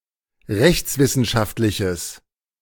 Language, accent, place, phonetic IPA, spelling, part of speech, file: German, Germany, Berlin, [ˈʁɛçt͡sˌvɪsn̩ʃaftlɪçəs], rechtswissenschaftliches, adjective, De-rechtswissenschaftliches.ogg
- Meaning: strong/mixed nominative/accusative neuter singular of rechtswissenschaftlich